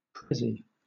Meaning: A present (gift)
- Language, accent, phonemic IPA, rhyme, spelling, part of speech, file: English, Southern England, /ˈpɹɛzi/, -ɛzi, pressie, noun, LL-Q1860 (eng)-pressie.wav